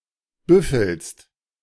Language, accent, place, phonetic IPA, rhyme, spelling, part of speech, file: German, Germany, Berlin, [ˈbʏfl̩st], -ʏfl̩st, büffelst, verb, De-büffelst.ogg
- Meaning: second-person singular present of büffeln